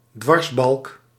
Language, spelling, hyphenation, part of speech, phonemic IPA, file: Dutch, dwarsbalk, dwars‧balk, noun, /ˈdʋɑrs.bɑlk/, Nl-dwarsbalk.ogg
- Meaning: 1. girder 2. fess